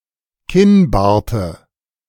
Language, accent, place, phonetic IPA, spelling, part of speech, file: German, Germany, Berlin, [ˈkɪnˌbaːɐ̯tə], Kinnbarte, noun, De-Kinnbarte.ogg
- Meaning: dative singular of Kinnbart